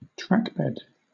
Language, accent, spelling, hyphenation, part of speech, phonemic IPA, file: English, Southern England, trackbed, track‧bed, noun, /ˈtɹækbɛd/, LL-Q1860 (eng)-trackbed.wav
- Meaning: 1. The layer of gravel or other foundation on which a railway track is laid 2. The land on which a railway (especially one that has been closed or dismantled) was built; the roadbed for a railroad